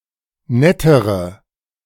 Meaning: inflection of nett: 1. strong/mixed nominative/accusative feminine singular comparative degree 2. strong nominative/accusative plural comparative degree
- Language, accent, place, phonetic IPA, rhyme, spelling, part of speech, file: German, Germany, Berlin, [ˈnɛtəʁə], -ɛtəʁə, nettere, adjective, De-nettere.ogg